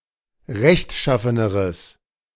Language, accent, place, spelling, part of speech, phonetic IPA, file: German, Germany, Berlin, rechtschaffeneres, adjective, [ˈʁɛçtˌʃafənəʁəs], De-rechtschaffeneres.ogg
- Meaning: strong/mixed nominative/accusative neuter singular comparative degree of rechtschaffen